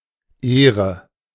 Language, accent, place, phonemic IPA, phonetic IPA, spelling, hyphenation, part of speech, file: German, Germany, Berlin, /ˈeːʁə/, [ˈʔeː.ʁə], Ehre, Eh‧re, noun, De-Ehre.ogg
- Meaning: 1. honour 2. credit 3. kudos